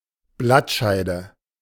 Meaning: leaf sheath
- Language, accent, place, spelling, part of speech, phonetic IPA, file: German, Germany, Berlin, Blattscheide, noun, [ˈblatˌʃaɪ̯də], De-Blattscheide.ogg